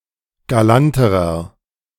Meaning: inflection of galant: 1. strong/mixed nominative masculine singular comparative degree 2. strong genitive/dative feminine singular comparative degree 3. strong genitive plural comparative degree
- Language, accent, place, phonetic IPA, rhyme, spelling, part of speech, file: German, Germany, Berlin, [ɡaˈlantəʁɐ], -antəʁɐ, galanterer, adjective, De-galanterer.ogg